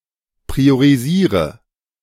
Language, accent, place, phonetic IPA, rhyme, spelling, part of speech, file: German, Germany, Berlin, [pʁioʁiˈziːʁə], -iːʁə, priorisiere, verb, De-priorisiere.ogg
- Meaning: inflection of priorisieren: 1. first-person singular present 2. singular imperative 3. first/third-person singular subjunctive I